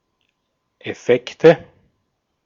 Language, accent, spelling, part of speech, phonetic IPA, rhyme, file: German, Austria, Effekte, noun, [ɛˈfɛktə], -ɛktə, De-at-Effekte.ogg
- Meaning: nominative/accusative/genitive plural of Effekt